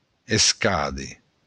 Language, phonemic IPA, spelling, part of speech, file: Occitan, /esˈkaðe/, escàder, noun, LL-Q35735-escàder.wav
- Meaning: to happen, occur